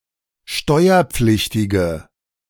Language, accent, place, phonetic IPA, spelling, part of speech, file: German, Germany, Berlin, [ˈʃtɔɪ̯ɐˌp͡flɪçtɪɡə], steuerpflichtige, adjective, De-steuerpflichtige.ogg
- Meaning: inflection of steuerpflichtig: 1. strong/mixed nominative/accusative feminine singular 2. strong nominative/accusative plural 3. weak nominative all-gender singular